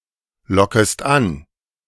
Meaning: second-person singular subjunctive I of anlocken
- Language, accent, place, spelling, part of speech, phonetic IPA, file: German, Germany, Berlin, lockest an, verb, [ˌlɔkəst ˈan], De-lockest an.ogg